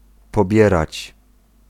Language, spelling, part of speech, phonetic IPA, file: Polish, pobierać, verb, [pɔˈbʲjɛrat͡ɕ], Pl-pobierać.ogg